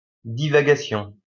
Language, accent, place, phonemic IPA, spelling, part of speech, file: French, France, Lyon, /di.va.ɡa.sjɔ̃/, divagation, noun, LL-Q150 (fra)-divagation.wav
- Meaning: 1. divagation 2. wandering, rambling 3. raving